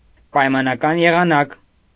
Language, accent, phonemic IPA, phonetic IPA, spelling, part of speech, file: Armenian, Eastern Armenian, /pɑjmɑnɑˈkɑn jeʁɑˈnɑk/, [pɑjmɑnɑkɑ́n jeʁɑnɑ́k], պայմանական եղանակ, noun, Hy-պայմանական եղանակ.ogg
- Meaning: conditional mood